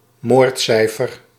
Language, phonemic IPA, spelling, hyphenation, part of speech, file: Dutch, /ˈmoːrtˌsɛi̯.fər/, moordcijfer, moord‧cij‧fer, noun, Nl-moordcijfer.ogg
- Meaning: murder rate